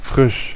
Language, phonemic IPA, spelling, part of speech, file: German, /fʁɪʃ/, frisch, adjective / adverb, De-frisch.ogg
- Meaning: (adjective) 1. fresh 2. recent; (adverb) 1. freshly 2. newly